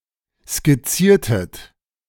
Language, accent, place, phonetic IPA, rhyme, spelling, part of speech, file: German, Germany, Berlin, [skɪˈt͡siːɐ̯tət], -iːɐ̯tət, skizziertet, verb, De-skizziertet.ogg
- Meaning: inflection of skizzieren: 1. second-person plural preterite 2. second-person plural subjunctive II